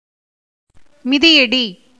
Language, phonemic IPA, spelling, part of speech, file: Tamil, /mɪd̪ɪjɐɖiː/, மிதியடி, noun, Ta-மிதியடி.ogg
- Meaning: sandal